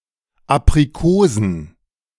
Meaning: plural of Aprikose
- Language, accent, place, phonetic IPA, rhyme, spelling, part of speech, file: German, Germany, Berlin, [ˌapʁiˈkoːzn̩], -oːzn̩, Aprikosen, noun, De-Aprikosen.ogg